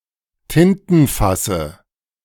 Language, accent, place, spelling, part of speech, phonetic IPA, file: German, Germany, Berlin, Tintenfasse, noun, [ˈtɪntn̩ˌfasə], De-Tintenfasse.ogg
- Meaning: dative of Tintenfass